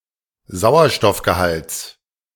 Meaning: genitive singular of Sauerstoffgehalt
- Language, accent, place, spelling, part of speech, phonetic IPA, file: German, Germany, Berlin, Sauerstoffgehalts, noun, [ˈzaʊ̯ɐʃtɔfɡəˌhalt͡s], De-Sauerstoffgehalts.ogg